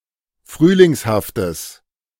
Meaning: strong/mixed nominative/accusative neuter singular of frühlingshaft
- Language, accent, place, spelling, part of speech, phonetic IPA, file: German, Germany, Berlin, frühlingshaftes, adjective, [ˈfʁyːlɪŋshaftəs], De-frühlingshaftes.ogg